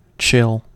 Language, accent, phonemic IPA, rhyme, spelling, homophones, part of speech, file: English, US, /tʃɪl/, -ɪl, chill, jill, noun / adjective, En-us-chill.ogg
- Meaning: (noun) A moderate, but uncomfortable and penetrating coldness